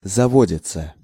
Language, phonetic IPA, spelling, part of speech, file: Russian, [zɐˈvodʲɪt͡sə], заводится, verb, Ru-заводится.ogg
- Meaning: third-person singular present indicative imperfective of заводи́ться (zavodítʹsja)